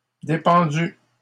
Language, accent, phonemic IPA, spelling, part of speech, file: French, Canada, /de.pɑ̃.dy/, dépendues, verb, LL-Q150 (fra)-dépendues.wav
- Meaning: feminine plural of dépendu